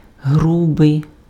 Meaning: 1. coarse, rough 2. crude, rude
- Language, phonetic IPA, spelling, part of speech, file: Ukrainian, [ˈɦrubei̯], грубий, adjective, Uk-грубий.ogg